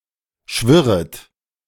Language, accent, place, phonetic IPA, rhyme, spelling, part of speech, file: German, Germany, Berlin, [ˈʃvɪʁət], -ɪʁət, schwirret, verb, De-schwirret.ogg
- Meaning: second-person plural subjunctive I of schwirren